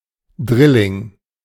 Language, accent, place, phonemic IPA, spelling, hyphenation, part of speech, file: German, Germany, Berlin, /ˈdʁɪlɪŋ/, Drilling, Dril‧ling, noun, De-Drilling.ogg
- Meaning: 1. A triplet (one of three persons born to the same mother at the same time) 2. three of a kind